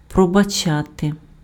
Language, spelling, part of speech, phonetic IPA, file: Ukrainian, пробачати, verb, [prɔbɐˈt͡ʃate], Uk-пробачати.ogg
- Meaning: to forgive (somebody something: кому́сь (komúsʹ) (dative) щось (ščosʹ) (accusative))